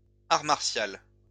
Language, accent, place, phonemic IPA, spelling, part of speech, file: French, France, Lyon, /aʁ maʁ.sjal/, art martial, noun, LL-Q150 (fra)-art martial.wav
- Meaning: martial art